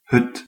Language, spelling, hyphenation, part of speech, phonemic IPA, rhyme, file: Dutch, hut, hut, noun, /ɦʏt/, -ʏt, Nl-hut.ogg
- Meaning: 1. a small wooden shed, hut 2. a primitive dwelling 3. a cabin on a boat 4. a usually simple recreational lodging, pub, or suchlike for scouting, mountaineering, skiing, and so on